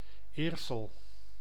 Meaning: a village and municipality of North Brabant, Netherlands
- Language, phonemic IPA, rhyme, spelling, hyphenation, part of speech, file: Dutch, /ˈeːr.səl/, -eːrsəl, Eersel, Eer‧sel, proper noun, Nl-Eersel.ogg